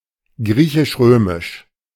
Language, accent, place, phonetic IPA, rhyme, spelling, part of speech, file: German, Germany, Berlin, [ˈɡʁiːçɪʃˈʁøːmɪʃ], -øːmɪʃ, griechisch-römisch, adjective, De-griechisch-römisch.ogg
- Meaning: 1. Greco-Roman 2. Greek Catholic